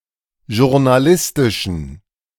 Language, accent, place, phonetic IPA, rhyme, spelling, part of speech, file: German, Germany, Berlin, [ʒʊʁnaˈlɪstɪʃn̩], -ɪstɪʃn̩, journalistischen, adjective, De-journalistischen.ogg
- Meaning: inflection of journalistisch: 1. strong genitive masculine/neuter singular 2. weak/mixed genitive/dative all-gender singular 3. strong/weak/mixed accusative masculine singular 4. strong dative plural